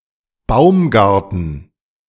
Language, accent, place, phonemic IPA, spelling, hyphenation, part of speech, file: German, Germany, Berlin, /ˈbaʊmˌɡaʁtn̩/, Baumgarten, Baum‧gar‧ten, noun / proper noun, De-Baumgarten.ogg
- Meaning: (noun) fruit orchard; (proper noun) a surname